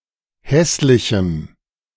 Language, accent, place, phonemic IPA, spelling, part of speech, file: German, Germany, Berlin, /ˈhɛslɪçəm/, hässlichem, adjective, De-hässlichem.ogg
- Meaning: strong dative masculine/neuter singular of hässlich